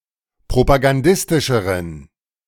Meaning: inflection of propagandistisch: 1. strong genitive masculine/neuter singular comparative degree 2. weak/mixed genitive/dative all-gender singular comparative degree
- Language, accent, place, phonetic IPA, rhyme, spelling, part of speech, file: German, Germany, Berlin, [pʁopaɡanˈdɪstɪʃəʁən], -ɪstɪʃəʁən, propagandistischeren, adjective, De-propagandistischeren.ogg